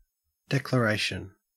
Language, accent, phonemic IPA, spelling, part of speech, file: English, Australia, /ˌdek.ləˈɹæɪ.ʃən/, declaration, noun, En-au-declaration.ogg
- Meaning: 1. An emphatic or formal act of saying, telling or asserting something, by speech or writing; a decisive assertion or proclamation 2. Specifically, a declaration of love